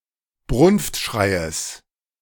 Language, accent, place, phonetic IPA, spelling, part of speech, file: German, Germany, Berlin, [ˈbʁʊnftˌʃʁaɪ̯əs], Brunftschreies, noun, De-Brunftschreies.ogg
- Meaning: genitive singular of Brunftschrei